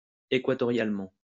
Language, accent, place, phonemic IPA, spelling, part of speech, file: French, France, Lyon, /e.kwa.tɔ.ʁjal.mɑ̃/, équatorialement, adverb, LL-Q150 (fra)-équatorialement.wav
- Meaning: equatorially